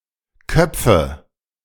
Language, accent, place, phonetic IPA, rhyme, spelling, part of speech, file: German, Germany, Berlin, [ˈkœp͡fə], -œp͡fə, köpfe, verb, De-köpfe.ogg
- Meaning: inflection of köpfen: 1. first-person singular present 2. first/third-person singular subjunctive I 3. singular imperative